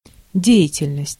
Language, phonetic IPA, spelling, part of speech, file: Russian, [ˈdʲe(j)ɪtʲɪlʲnəsʲtʲ], деятельность, noun, Ru-деятельность.ogg
- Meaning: 1. activity 2. work